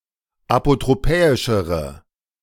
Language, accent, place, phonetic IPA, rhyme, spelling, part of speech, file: German, Germany, Berlin, [apotʁoˈpɛːɪʃəʁə], -ɛːɪʃəʁə, apotropäischere, adjective, De-apotropäischere.ogg
- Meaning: inflection of apotropäisch: 1. strong/mixed nominative/accusative feminine singular comparative degree 2. strong nominative/accusative plural comparative degree